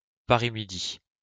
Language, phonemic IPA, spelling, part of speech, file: French, /mi.di/, Midi, proper noun, LL-Q150 (fra)-Midi.wav
- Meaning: the Midi (southernmost cultural region of France)